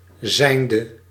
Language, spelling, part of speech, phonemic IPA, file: Dutch, zijnde, verb, /zɛɪndə/, Nl-zijnde.ogg
- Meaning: inflection of zijnd: 1. masculine/feminine singular attributive 2. definite neuter singular attributive 3. plural attributive